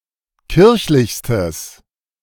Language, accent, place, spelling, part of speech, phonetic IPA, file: German, Germany, Berlin, kirchlichstes, adjective, [ˈkɪʁçlɪçstəs], De-kirchlichstes.ogg
- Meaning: strong/mixed nominative/accusative neuter singular superlative degree of kirchlich